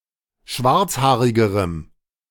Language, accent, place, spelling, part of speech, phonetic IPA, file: German, Germany, Berlin, schwarzhaarigerem, adjective, [ˈʃvaʁt͡sˌhaːʁɪɡəʁəm], De-schwarzhaarigerem.ogg
- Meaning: strong dative masculine/neuter singular comparative degree of schwarzhaarig